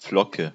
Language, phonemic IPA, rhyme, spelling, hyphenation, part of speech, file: German, /ˈflɔkə/, -ɔkə, Flocke, Flo‧cke, noun, De-Flocke.ogg
- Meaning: 1. flake 2. money